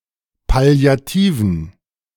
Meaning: inflection of palliativ: 1. strong genitive masculine/neuter singular 2. weak/mixed genitive/dative all-gender singular 3. strong/weak/mixed accusative masculine singular 4. strong dative plural
- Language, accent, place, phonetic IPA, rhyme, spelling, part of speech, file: German, Germany, Berlin, [pali̯aˈtiːvn̩], -iːvn̩, palliativen, adjective, De-palliativen.ogg